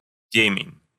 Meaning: darkness
- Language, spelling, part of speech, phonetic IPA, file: Russian, темень, noun, [ˈtʲemʲɪnʲ], Ru-темень.ogg